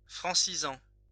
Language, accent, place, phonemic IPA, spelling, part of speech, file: French, France, Lyon, /fʁɑ̃.si.zɑ̃/, francisant, verb, LL-Q150 (fra)-francisant.wav
- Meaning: present participle of franciser